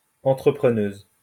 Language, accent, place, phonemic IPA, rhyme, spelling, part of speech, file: French, France, Lyon, /ɑ̃.tʁə.pʁə.nøz/, -øz, entrepreneuse, noun, LL-Q150 (fra)-entrepreneuse.wav
- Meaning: female equivalent of entrepreneur